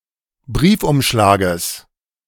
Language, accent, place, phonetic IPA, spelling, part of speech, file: German, Germany, Berlin, [ˈbʁiːfʔʊmˌʃlaːɡəs], Briefumschlages, noun, De-Briefumschlages.ogg
- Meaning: genitive singular of Briefumschlag